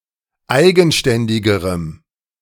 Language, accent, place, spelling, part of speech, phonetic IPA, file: German, Germany, Berlin, eigenständigerem, adjective, [ˈaɪ̯ɡn̩ˌʃtɛndɪɡəʁəm], De-eigenständigerem.ogg
- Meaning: strong dative masculine/neuter singular comparative degree of eigenständig